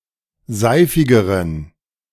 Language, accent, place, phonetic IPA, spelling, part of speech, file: German, Germany, Berlin, [ˈzaɪ̯fɪɡəʁən], seifigeren, adjective, De-seifigeren.ogg
- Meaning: inflection of seifig: 1. strong genitive masculine/neuter singular comparative degree 2. weak/mixed genitive/dative all-gender singular comparative degree